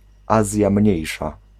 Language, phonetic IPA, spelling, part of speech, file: Polish, [ˈazʲja ˈmʲɲɛ̇jʃa], Azja Mniejsza, proper noun, Pl-Azja Mniejsza.ogg